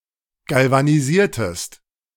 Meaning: inflection of galvanisieren: 1. second-person singular preterite 2. second-person singular subjunctive II
- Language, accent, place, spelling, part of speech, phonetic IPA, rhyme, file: German, Germany, Berlin, galvanisiertest, verb, [ˌɡalvaniˈziːɐ̯təst], -iːɐ̯təst, De-galvanisiertest.ogg